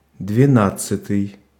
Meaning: twelfth
- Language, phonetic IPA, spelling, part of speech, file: Russian, [dvʲɪˈnat͡s(ː)ɨtɨj], двенадцатый, adjective, Ru-двенадцатый.ogg